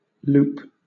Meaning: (noun) 1. A length of thread, line or rope that is doubled over to make an opening 2. The opening so formed 3. A shape produced by a curve that bends around and crosses itself
- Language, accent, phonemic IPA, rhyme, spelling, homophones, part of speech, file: English, Southern England, /luːp/, -uːp, loop, loupe, noun / verb, LL-Q1860 (eng)-loop.wav